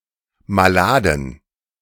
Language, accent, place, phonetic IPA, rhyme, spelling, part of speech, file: German, Germany, Berlin, [maˈlaːdn̩], -aːdn̩, maladen, adjective, De-maladen.ogg
- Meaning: inflection of malad: 1. strong genitive masculine/neuter singular 2. weak/mixed genitive/dative all-gender singular 3. strong/weak/mixed accusative masculine singular 4. strong dative plural